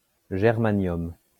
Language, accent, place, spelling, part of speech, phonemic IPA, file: French, France, Lyon, germanium, noun, /ʒɛʁ.ma.njɔm/, LL-Q150 (fra)-germanium.wav
- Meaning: germanium